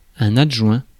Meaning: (noun) 1. deputy, assistant 2. adjunct; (verb) past participle of adjoindre
- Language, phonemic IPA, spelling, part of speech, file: French, /ad.ʒwɛ̃/, adjoint, noun / verb, Fr-adjoint.ogg